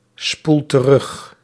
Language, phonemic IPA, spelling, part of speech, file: Dutch, /ˈspul t(ə)ˈrʏx/, spoel terug, verb, Nl-spoel terug.ogg
- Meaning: inflection of terugspoelen: 1. first-person singular present indicative 2. second-person singular present indicative 3. imperative